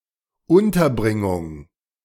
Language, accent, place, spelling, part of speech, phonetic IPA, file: German, Germany, Berlin, Unterbringung, noun, [ˈʊntɐˌbʁɪŋʊŋ], De-Unterbringung.ogg
- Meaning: accommodation, housing